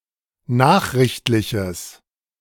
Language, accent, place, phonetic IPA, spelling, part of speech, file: German, Germany, Berlin, [ˈnaːxʁɪçtlɪçəs], nachrichtliches, adjective, De-nachrichtliches.ogg
- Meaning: strong/mixed nominative/accusative neuter singular of nachrichtlich